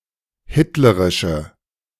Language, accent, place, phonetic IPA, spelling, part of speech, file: German, Germany, Berlin, [ˈhɪtləʁɪʃə], hitlerische, adjective, De-hitlerische.ogg
- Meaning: inflection of hitlerisch: 1. strong/mixed nominative/accusative feminine singular 2. strong nominative/accusative plural 3. weak nominative all-gender singular